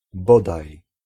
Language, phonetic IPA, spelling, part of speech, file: Polish, [ˈbɔdaj], bodaj, particle / conjunction, Pl-bodaj.ogg